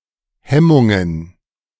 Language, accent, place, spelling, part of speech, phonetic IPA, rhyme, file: German, Germany, Berlin, Hemmungen, noun, [ˈhɛmʊŋən], -ɛmʊŋən, De-Hemmungen.ogg
- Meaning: plural of Hemmung